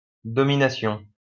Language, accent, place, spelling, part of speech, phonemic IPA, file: French, France, Lyon, domination, noun, /dɔ.mi.na.sjɔ̃/, LL-Q150 (fra)-domination.wav
- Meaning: domination